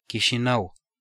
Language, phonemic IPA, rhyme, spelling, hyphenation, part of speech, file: Romanian, /ki.ʃiˈnəw/, -əw, Chișinău, Chi‧și‧nău, proper noun, Ro-Chișinău.ogg
- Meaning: Chișinău (a municipality, the capital city of Moldova)